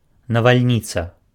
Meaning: thunderstorm
- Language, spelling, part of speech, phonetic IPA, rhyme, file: Belarusian, навальніца, noun, [navalʲˈnʲit͡sa], -it͡sa, Be-навальніца.ogg